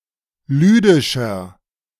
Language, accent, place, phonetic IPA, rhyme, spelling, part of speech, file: German, Germany, Berlin, [ˈlyːdɪʃɐ], -yːdɪʃɐ, lüdischer, adjective, De-lüdischer.ogg
- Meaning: inflection of lüdisch: 1. strong/mixed nominative masculine singular 2. strong genitive/dative feminine singular 3. strong genitive plural